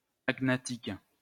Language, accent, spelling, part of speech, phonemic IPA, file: French, France, agnatique, adjective, /aɡ.na.tik/, LL-Q150 (fra)-agnatique.wav
- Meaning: agnatic